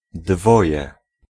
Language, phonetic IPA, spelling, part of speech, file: Polish, [ˈdvɔjɛ], dwoje, numeral, Pl-dwoje.ogg